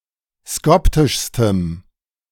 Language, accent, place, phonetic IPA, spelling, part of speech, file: German, Germany, Berlin, [ˈskɔptɪʃstəm], skoptischstem, adjective, De-skoptischstem.ogg
- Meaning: strong dative masculine/neuter singular superlative degree of skoptisch